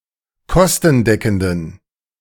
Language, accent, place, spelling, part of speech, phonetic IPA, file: German, Germany, Berlin, kostendeckenden, adjective, [ˈkɔstn̩ˌdɛkn̩dən], De-kostendeckenden.ogg
- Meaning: inflection of kostendeckend: 1. strong genitive masculine/neuter singular 2. weak/mixed genitive/dative all-gender singular 3. strong/weak/mixed accusative masculine singular 4. strong dative plural